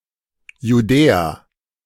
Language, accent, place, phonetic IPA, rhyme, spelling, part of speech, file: German, Germany, Berlin, [juˈdɛːa], -ɛːa, Judäa, proper noun, De-Judäa.ogg
- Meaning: Judea